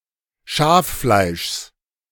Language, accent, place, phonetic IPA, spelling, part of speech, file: German, Germany, Berlin, [ˈʃaːfˌflaɪ̯ʃs], Schaffleischs, noun, De-Schaffleischs.ogg
- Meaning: genitive of Schaffleisch